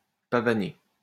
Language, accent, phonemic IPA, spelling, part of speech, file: French, France, /pa.va.ne/, pavaner, verb, LL-Q150 (fra)-pavaner.wav
- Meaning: to strut one's stuff; to swagger